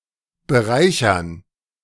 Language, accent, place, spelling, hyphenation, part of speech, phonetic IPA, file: German, Germany, Berlin, bereichern, be‧rei‧chern, verb, [bəˈʁaɪ̯çɐn], De-bereichern.ogg
- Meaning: to enrich